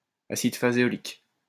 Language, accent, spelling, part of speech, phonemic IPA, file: French, France, acide phaséolique, noun, /a.sid fa.ze.ɔ.lik/, LL-Q150 (fra)-acide phaséolique.wav
- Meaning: phaseolic acid